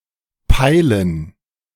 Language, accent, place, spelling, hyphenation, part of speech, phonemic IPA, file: German, Germany, Berlin, peilen, pei‧len, verb, /ˈpaɪlən/, De-peilen2.ogg
- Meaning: 1. to take a bearing of, determine the direction, position, or depth of 2. to understand, grasp